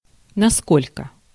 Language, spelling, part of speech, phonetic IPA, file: Russian, насколько, adverb, [nɐˈskolʲkə], Ru-насколько.ogg
- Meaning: 1. how much, how (to what extent) 2. as, as far as